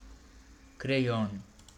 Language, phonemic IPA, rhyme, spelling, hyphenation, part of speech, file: Romanian, /kreˈjon/, -on, creion, cre‧ion, noun, Ro-creion.ogg
- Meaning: pencil